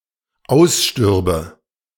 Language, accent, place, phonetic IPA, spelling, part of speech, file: German, Germany, Berlin, [ˈaʊ̯sˌʃtʏʁbə], ausstürbe, verb, De-ausstürbe.ogg
- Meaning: first/third-person singular dependent subjunctive II of aussterben